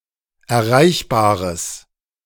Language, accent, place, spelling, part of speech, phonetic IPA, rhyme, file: German, Germany, Berlin, erreichbares, adjective, [ɛɐ̯ˈʁaɪ̯çbaːʁəs], -aɪ̯çbaːʁəs, De-erreichbares.ogg
- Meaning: strong/mixed nominative/accusative neuter singular of erreichbar